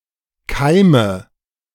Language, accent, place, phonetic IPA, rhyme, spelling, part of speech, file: German, Germany, Berlin, [ˈkaɪ̯mə], -aɪ̯mə, keime, verb, De-keime.ogg
- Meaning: inflection of keimen: 1. first-person singular present 2. first/third-person singular subjunctive I 3. singular imperative